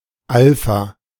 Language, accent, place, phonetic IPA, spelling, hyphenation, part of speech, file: German, Germany, Berlin, [ˈalfa], Alpha, Al‧pha, noun, De-Alpha.ogg
- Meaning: alpha (Greek letter)